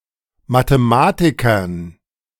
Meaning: dative plural of Mathematiker
- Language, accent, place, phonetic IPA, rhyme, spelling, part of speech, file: German, Germany, Berlin, [matəˈmaːtɪkɐn], -aːtɪkɐn, Mathematikern, noun, De-Mathematikern.ogg